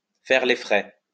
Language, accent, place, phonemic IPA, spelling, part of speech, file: French, France, Lyon, /fɛʁ le fʁɛ/, faire les frais, verb, LL-Q150 (fra)-faire les frais.wav
- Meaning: to bear the brunt